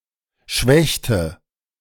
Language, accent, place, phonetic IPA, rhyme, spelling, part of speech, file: German, Germany, Berlin, [ˈʃvɛçtə], -ɛçtə, schwächte, verb, De-schwächte.ogg
- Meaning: inflection of schwächen: 1. first/third-person singular preterite 2. first/third-person singular subjunctive II